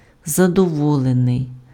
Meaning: satisfied, content, contented, pleased
- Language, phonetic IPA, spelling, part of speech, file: Ukrainian, [zɐdɔˈwɔɫenei̯], задоволений, adjective, Uk-задоволений.ogg